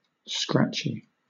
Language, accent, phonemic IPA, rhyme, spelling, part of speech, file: English, Southern England, /ˈskɹæt͡ʃi/, -ætʃi, scratchy, adjective, LL-Q1860 (eng)-scratchy.wav
- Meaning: 1. Characterized by scratches 2. Irritating; itchy 3. Noisy, lossy; marred by white noise or static as a result of poor or low signal, interference or unfavourable atmospheric conditions